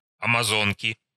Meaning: inflection of амазо́нка (amazónka): 1. genitive singular 2. nominative plural 3. inanimate accusative plural
- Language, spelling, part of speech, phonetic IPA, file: Russian, амазонки, noun, [ɐmɐˈzonkʲɪ], Ru-амазонки.ogg